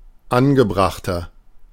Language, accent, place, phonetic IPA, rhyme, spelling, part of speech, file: German, Germany, Berlin, [ˈanɡəˌbʁaxtɐ], -anɡəbʁaxtɐ, angebrachter, adjective, De-angebrachter.ogg
- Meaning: 1. comparative degree of angebracht 2. inflection of angebracht: strong/mixed nominative masculine singular 3. inflection of angebracht: strong genitive/dative feminine singular